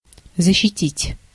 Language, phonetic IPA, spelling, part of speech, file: Russian, [zəɕːɪˈtʲitʲ], защитить, verb, Ru-защитить.ogg
- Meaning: 1. to defend, to guard, to protect 2. to speak in support (of), to stand up for, to support, to vindicate, to advocate 3. in a court of law to defend, to plead for